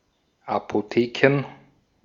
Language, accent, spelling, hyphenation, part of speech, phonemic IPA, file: German, Austria, Apotheken, Apo‧the‧ken, noun, /apoˈteːkən/, De-at-Apotheken.ogg
- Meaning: plural of Apotheke